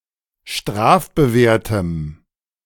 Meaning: strong dative masculine/neuter singular of strafbewehrt
- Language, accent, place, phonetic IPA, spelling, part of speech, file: German, Germany, Berlin, [ˈʃtʁaːfbəˌveːɐ̯təm], strafbewehrtem, adjective, De-strafbewehrtem.ogg